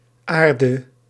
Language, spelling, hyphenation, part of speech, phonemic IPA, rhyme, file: Dutch, Aarde, Aar‧de, proper noun, /ˈaːr.də/, -aːrdə, Nl-Aarde.ogg
- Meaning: 1. Earth (the planet) 2. personification (e.g. as a deity) of humanity's homeworld